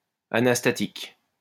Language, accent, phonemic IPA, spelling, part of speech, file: French, France, /a.nas.ta.tik/, anastatique, adjective, LL-Q150 (fra)-anastatique.wav
- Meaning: anastatic